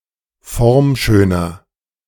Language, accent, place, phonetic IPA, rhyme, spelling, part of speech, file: German, Germany, Berlin, [ˈfɔʁmˌʃøːnɐ], -ɔʁmʃøːnɐ, formschöner, adjective, De-formschöner.ogg
- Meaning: 1. comparative degree of formschön 2. inflection of formschön: strong/mixed nominative masculine singular 3. inflection of formschön: strong genitive/dative feminine singular